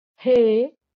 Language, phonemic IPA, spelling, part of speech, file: Marathi, /ɦe/, हे, pronoun, LL-Q1571 (mar)-हे.wav
- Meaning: 1. it (proximal) 2. neuter singular direct of हा (hā) this 3. masculine plural direct of हा (hā) these